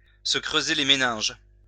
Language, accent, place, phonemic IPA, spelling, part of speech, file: French, France, Lyon, /sə kʁø.ze le me.nɛ̃ʒ/, se creuser les méninges, verb, LL-Q150 (fra)-se creuser les méninges.wav
- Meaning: to rack one's brain, to cudgel one's brain